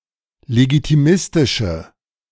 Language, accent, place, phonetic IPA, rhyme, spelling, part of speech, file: German, Germany, Berlin, [leɡitiˈmɪstɪʃə], -ɪstɪʃə, legitimistische, adjective, De-legitimistische.ogg
- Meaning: inflection of legitimistisch: 1. strong/mixed nominative/accusative feminine singular 2. strong nominative/accusative plural 3. weak nominative all-gender singular